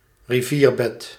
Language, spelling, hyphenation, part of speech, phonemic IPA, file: Dutch, rivierbed, ri‧vier‧bed, noun, /riˈviːrˌbɛt/, Nl-rivierbed.ogg
- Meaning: riverbed (bed of a river)